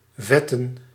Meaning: plural of vet
- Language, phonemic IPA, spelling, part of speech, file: Dutch, /ˈvɛtə(n)/, vetten, verb / noun, Nl-vetten.ogg